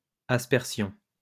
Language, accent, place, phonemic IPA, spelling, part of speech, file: French, France, Lyon, /as.pɛʁ.sjɔ̃/, aspersion, noun, LL-Q150 (fra)-aspersion.wav
- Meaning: 1. aspersion 2. sprinkling